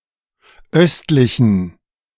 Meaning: inflection of östlich: 1. strong genitive masculine/neuter singular 2. weak/mixed genitive/dative all-gender singular 3. strong/weak/mixed accusative masculine singular 4. strong dative plural
- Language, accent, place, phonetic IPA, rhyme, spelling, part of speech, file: German, Germany, Berlin, [ˈœstlɪçn̩], -œstlɪçn̩, östlichen, adjective, De-östlichen.ogg